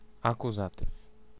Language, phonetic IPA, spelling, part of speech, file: Polish, [ˌakuˈzatɨf], akuzatyw, noun, Pl-akuzatyw.ogg